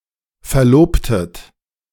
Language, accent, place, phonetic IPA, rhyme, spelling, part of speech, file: German, Germany, Berlin, [fɛɐ̯ˈloːptət], -oːptət, verlobtet, verb, De-verlobtet.ogg
- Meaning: inflection of verloben: 1. second-person plural preterite 2. second-person plural subjunctive II